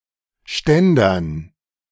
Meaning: dative plural of Ständer
- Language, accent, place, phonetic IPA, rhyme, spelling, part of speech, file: German, Germany, Berlin, [ˈʃtɛndɐn], -ɛndɐn, Ständern, noun, De-Ständern.ogg